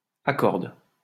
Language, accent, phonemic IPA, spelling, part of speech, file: French, France, /a.kɔʁd/, accorde, verb, LL-Q150 (fra)-accorde.wav
- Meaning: inflection of accorder: 1. first/third-person singular present indicative/subjunctive 2. second-person singular imperative